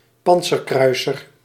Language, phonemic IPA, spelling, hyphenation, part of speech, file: Dutch, /ˈpɑnt.sərˌkrœy̯.sər/, pantserkruiser, pant‧ser‧krui‧ser, noun, Nl-pantserkruiser.ogg
- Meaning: armoured cruiser